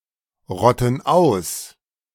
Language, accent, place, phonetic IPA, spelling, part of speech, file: German, Germany, Berlin, [ˌʁɔtn̩ ˈaʊ̯s], rotten aus, verb, De-rotten aus.ogg
- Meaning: inflection of ausrotten: 1. first/third-person plural present 2. first/third-person plural subjunctive I